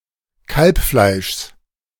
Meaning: genitive singular of Kalbfleisch
- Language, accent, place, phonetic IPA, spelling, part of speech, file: German, Germany, Berlin, [ˈkalpˌflaɪ̯ʃs], Kalbfleischs, noun, De-Kalbfleischs.ogg